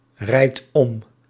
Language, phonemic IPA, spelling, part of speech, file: Dutch, /ˈrɛit ˈɔm/, rijdt om, verb, Nl-rijdt om.ogg
- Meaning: inflection of omrijden: 1. second/third-person singular present indicative 2. plural imperative